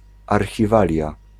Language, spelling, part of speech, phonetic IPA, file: Polish, archiwalia, noun, [ˌarxʲiˈvalʲja], Pl-archiwalia.ogg